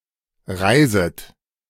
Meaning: second-person plural subjunctive I of reisen
- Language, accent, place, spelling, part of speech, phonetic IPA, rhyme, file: German, Germany, Berlin, reiset, verb, [ˈʁaɪ̯zət], -aɪ̯zət, De-reiset.ogg